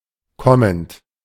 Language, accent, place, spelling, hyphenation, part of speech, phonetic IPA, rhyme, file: German, Germany, Berlin, kommend, kom‧mend, adjective / verb, [ˈkɔmənt], -ɔmənt, De-kommend.ogg
- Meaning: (verb) present participle of kommen; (adjective) 1. coming, next 2. next, future (holding a certain position in the future, especially after or just before the decision is made)